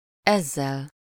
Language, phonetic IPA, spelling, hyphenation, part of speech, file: Hungarian, [ˈɛzːɛl], ezzel, ez‧zel, pronoun, Hu-ezzel.ogg
- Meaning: instrumental singular of ez